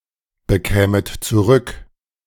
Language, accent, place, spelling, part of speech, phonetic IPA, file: German, Germany, Berlin, bekämet zurück, verb, [bəˌkɛːmət t͡suˈʁʏk], De-bekämet zurück.ogg
- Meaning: second-person plural subjunctive II of zurückbekommen